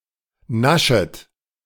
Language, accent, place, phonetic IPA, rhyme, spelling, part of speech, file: German, Germany, Berlin, [ˈnaʃət], -aʃət, naschet, verb, De-naschet.ogg
- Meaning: second-person plural subjunctive I of naschen